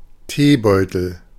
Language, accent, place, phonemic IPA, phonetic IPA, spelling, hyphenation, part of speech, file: German, Germany, Berlin, /ˈteːˌbɔʏ̯təl/, [ˈteːˌbɔø̯tl̩], Teebeutel, Tee‧beu‧tel, noun, De-Teebeutel.ogg
- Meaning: tea bag